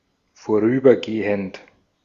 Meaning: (verb) present participle of vorübergehen; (adjective) temporary
- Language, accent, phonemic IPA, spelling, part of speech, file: German, Austria, /foˈʁyːbɐɡeːənt/, vorübergehend, verb / adjective, De-at-vorübergehend.ogg